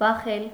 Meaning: 1. to beat, to strike 2. to knock 3. to beat (of a heart)
- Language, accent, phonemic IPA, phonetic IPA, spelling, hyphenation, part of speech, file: Armenian, Eastern Armenian, /bɑˈχel/, [bɑχél], բախել, բա‧խել, verb, Hy-բախել.ogg